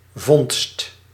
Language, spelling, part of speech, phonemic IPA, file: Dutch, vondst, noun, /vɔn(t)st/, Nl-vondst.ogg
- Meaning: find